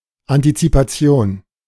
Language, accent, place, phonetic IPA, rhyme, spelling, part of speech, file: German, Germany, Berlin, [antit͡sipaˈt͡si̯oːn], -oːn, Antizipation, noun, De-Antizipation.ogg
- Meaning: anticipation